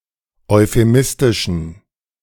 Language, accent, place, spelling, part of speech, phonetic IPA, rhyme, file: German, Germany, Berlin, euphemistischen, adjective, [ɔɪ̯feˈmɪstɪʃn̩], -ɪstɪʃn̩, De-euphemistischen.ogg
- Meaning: inflection of euphemistisch: 1. strong genitive masculine/neuter singular 2. weak/mixed genitive/dative all-gender singular 3. strong/weak/mixed accusative masculine singular 4. strong dative plural